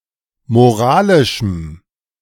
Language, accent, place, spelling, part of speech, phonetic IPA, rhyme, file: German, Germany, Berlin, moralischem, adjective, [moˈʁaːlɪʃm̩], -aːlɪʃm̩, De-moralischem.ogg
- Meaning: strong dative masculine/neuter singular of moralisch